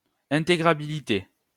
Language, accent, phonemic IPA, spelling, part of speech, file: French, France, /ɛ̃.te.ɡʁa.bi.li.te/, intégrabilité, noun, LL-Q150 (fra)-intégrabilité.wav
- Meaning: integrability